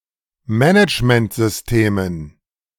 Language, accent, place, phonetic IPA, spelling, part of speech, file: German, Germany, Berlin, [ˈmɛnɪt͡ʃməntzʏsˌteːmən], Managementsystemen, noun, De-Managementsystemen.ogg
- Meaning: plural of Managementsystem